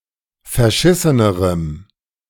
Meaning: strong dative masculine/neuter singular comparative degree of verschissen
- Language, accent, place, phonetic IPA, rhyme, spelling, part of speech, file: German, Germany, Berlin, [fɛɐ̯ˈʃɪsənəʁəm], -ɪsənəʁəm, verschissenerem, adjective, De-verschissenerem.ogg